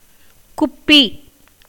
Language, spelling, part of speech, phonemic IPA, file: Tamil, குப்பி, noun, /kʊpːiː/, Ta-குப்பி.ogg
- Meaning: 1. bottle, vial, flask 2. cowdung